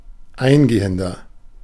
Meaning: inflection of eingehend: 1. strong/mixed nominative masculine singular 2. strong genitive/dative feminine singular 3. strong genitive plural
- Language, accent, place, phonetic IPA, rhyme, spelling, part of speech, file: German, Germany, Berlin, [ˈaɪ̯nˌɡeːəndɐ], -aɪ̯nɡeːəndɐ, eingehender, adjective, De-eingehender.ogg